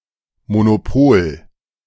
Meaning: monopoly
- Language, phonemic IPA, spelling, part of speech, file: German, /monoˈpoːl/, Monopol, noun, De-Monopol.ogg